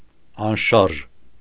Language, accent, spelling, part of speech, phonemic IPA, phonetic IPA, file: Armenian, Eastern Armenian, անշարժ, adjective / adverb, /ɑnˈʃɑɾʒ/, [ɑnʃɑ́ɾʒ], Hy-անշարժ.ogg
- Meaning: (adjective) 1. immovable, motionless, still; fixed, stationary 2. immovable, real; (adverb) motionlessly